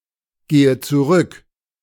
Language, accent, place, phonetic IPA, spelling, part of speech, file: German, Germany, Berlin, [ˌɡeːə t͡suˈʁʏk], gehe zurück, verb, De-gehe zurück.ogg
- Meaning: inflection of zurückgehen: 1. first-person singular present 2. first/third-person singular subjunctive I 3. singular imperative